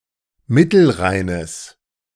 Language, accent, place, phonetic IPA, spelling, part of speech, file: German, Germany, Berlin, [ˈmɪtl̩ˌʁaɪ̯nəs], Mittelrheines, noun, De-Mittelrheines.ogg
- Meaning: genitive singular of Mittelrhein